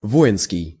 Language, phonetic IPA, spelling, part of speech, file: Russian, [ˈvoɪnskʲɪj], воинский, adjective, Ru-воинский.ogg
- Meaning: military, martial